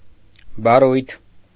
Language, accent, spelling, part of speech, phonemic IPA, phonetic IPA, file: Armenian, Eastern Armenian, բառույթ, noun, /bɑˈrujtʰ/, [bɑrújtʰ], Hy-բառույթ .ogg
- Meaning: lexeme